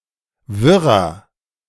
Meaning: 1. comparative degree of wirr 2. inflection of wirr: strong/mixed nominative masculine singular 3. inflection of wirr: strong genitive/dative feminine singular
- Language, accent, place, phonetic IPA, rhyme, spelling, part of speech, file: German, Germany, Berlin, [ˈvɪʁɐ], -ɪʁɐ, wirrer, adjective, De-wirrer.ogg